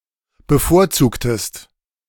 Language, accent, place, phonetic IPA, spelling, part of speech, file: German, Germany, Berlin, [bəˈfoːɐ̯ˌt͡suːktəst], bevorzugtest, verb, De-bevorzugtest.ogg
- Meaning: inflection of bevorzugen: 1. second-person singular preterite 2. second-person singular subjunctive II